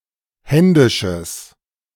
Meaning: strong/mixed nominative/accusative neuter singular of händisch
- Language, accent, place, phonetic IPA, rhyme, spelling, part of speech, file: German, Germany, Berlin, [ˈhɛndɪʃəs], -ɛndɪʃəs, händisches, adjective, De-händisches.ogg